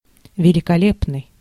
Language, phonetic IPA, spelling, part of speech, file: Russian, [vʲɪlʲɪkɐˈlʲepnɨj], великолепный, adjective, Ru-великолепный.ogg
- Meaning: 1. magnificent, splendid, excellent, grand, elegant 2. gorgeous